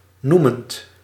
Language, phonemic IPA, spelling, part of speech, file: Dutch, /ˈnumənt/, noemend, verb / adjective, Nl-noemend.ogg
- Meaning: present participle of noemen